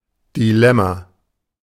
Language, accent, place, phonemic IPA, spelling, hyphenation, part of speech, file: German, Germany, Berlin, /ˌdiˈlɛma/, Dilemma, Di‧lem‧ma, noun, De-Dilemma.ogg
- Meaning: dilemma, predicament, quandary, conundrum, pickle, catch-22 (a situation with two (or more) alternatives to choose from, and where all alternatives are unsatisfactory or undesirable)